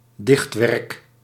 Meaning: work of poetry
- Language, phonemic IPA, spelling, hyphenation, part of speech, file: Dutch, /ˈdɪxt.ʋɛrk/, dichtwerk, dicht‧werk, noun, Nl-dichtwerk.ogg